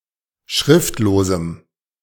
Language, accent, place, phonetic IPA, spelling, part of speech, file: German, Germany, Berlin, [ˈʃʁɪftloːzm̩], schriftlosem, adjective, De-schriftlosem.ogg
- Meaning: strong dative masculine/neuter singular of schriftlos